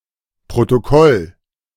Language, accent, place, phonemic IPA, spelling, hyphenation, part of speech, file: German, Germany, Berlin, /pʁotoˈkɔl/, Protokoll, Pro‧to‧koll, noun, De-Protokoll.ogg
- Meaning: 1. protocol 2. minutes (of a meeting)